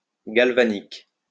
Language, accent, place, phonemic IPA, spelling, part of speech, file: French, France, Lyon, /ɡal.va.nik/, galvanique, adjective, LL-Q150 (fra)-galvanique.wav
- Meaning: galvanic